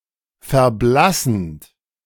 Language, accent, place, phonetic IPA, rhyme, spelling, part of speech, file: German, Germany, Berlin, [fɛɐ̯ˈblasn̩t], -asn̩t, verblassend, verb, De-verblassend.ogg
- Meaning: present participle of verblassen